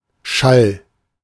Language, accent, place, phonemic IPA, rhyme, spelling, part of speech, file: German, Germany, Berlin, /ʃal/, -al, Schall, noun, De-Schall.ogg
- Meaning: 1. sound 2. a resonating sound, one that is either very loud or reverberant